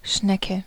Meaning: 1. snail, slug 2. an attractive woman; chick 3. a slow person, sluggard 4. the cochlea in the inner ear 5. female genitalia, pussy 6. a screw or worm thread
- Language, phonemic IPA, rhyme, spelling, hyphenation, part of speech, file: German, /ˈʃnɛkə/, -ɛkə, Schnecke, Schne‧cke, noun, De-Schnecke.ogg